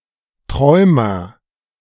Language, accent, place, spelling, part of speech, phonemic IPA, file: German, Germany, Berlin, Träumer, noun, /ˈtʁɔɪ̯mɐ/, De-Träumer.ogg
- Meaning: dreamer